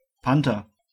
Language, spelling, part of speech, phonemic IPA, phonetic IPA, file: German, Panther, noun, /ˈpantər/, [ˈpan.tɐ], De-Panther.ogg
- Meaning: 1. panther, black panther (a leopard or other big cat with black fur) 2. a big cat of the genus Panthera